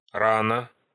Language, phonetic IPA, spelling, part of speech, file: Russian, [ˈranə], рано, adverb, Ru-ра́но.ogg
- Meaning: early